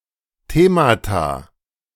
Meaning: plural of Thema
- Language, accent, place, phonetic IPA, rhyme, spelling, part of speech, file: German, Germany, Berlin, [ˈteːmata], -eːmata, Themata, noun, De-Themata.ogg